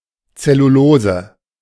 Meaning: alternative spelling of Zellulose (chiefly in technical texts)
- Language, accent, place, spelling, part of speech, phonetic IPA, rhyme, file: German, Germany, Berlin, Cellulose, noun, [t͡sɛluˈloːzə], -oːzə, De-Cellulose.ogg